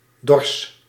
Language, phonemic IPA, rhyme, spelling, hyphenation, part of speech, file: Dutch, /dɔrs/, -ɔrs, dors, dors, noun / verb, Nl-dors.ogg
- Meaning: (noun) 1. threshing floor, usually in a barn 2. a barn or shed where agricultural equipment is stored; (verb) inflection of dorsen: first-person singular present indicative